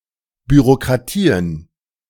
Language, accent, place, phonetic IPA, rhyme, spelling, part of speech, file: German, Germany, Berlin, [byʁokʁaˈtiːən], -iːən, Bürokratien, noun, De-Bürokratien.ogg
- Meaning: plural of Bürokratie